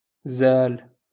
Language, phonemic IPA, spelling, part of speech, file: Moroccan Arabic, /zaːl/, زال, verb, LL-Q56426 (ary)-زال.wav
- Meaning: 1. to remove 2. to go away